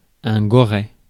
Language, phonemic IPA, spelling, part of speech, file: French, /ɡɔ.ʁɛ/, goret, noun, Fr-goret.ogg
- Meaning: piglet